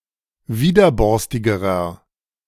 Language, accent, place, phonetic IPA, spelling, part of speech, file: German, Germany, Berlin, [ˈviːdɐˌbɔʁstɪɡəʁɐ], widerborstigerer, adjective, De-widerborstigerer.ogg
- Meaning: inflection of widerborstig: 1. strong/mixed nominative masculine singular comparative degree 2. strong genitive/dative feminine singular comparative degree 3. strong genitive plural comparative degree